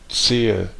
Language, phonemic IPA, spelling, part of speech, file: German, /ˈt͡seːə/, Zehe, noun, De-Zehe.ogg
- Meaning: 1. clove (of garlic and similar plants) 2. alternative form of Zeh (“toe”)